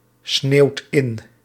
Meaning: inflection of insneeuwen: 1. second/third-person singular present indicative 2. plural imperative
- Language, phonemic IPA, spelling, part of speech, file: Dutch, /ˈsnewt ˈɪn/, sneeuwt in, verb, Nl-sneeuwt in.ogg